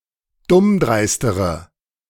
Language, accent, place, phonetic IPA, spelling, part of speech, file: German, Germany, Berlin, [ˈdʊmˌdʁaɪ̯stəʁə], dummdreistere, adjective, De-dummdreistere.ogg
- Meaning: inflection of dummdreist: 1. strong/mixed nominative/accusative feminine singular comparative degree 2. strong nominative/accusative plural comparative degree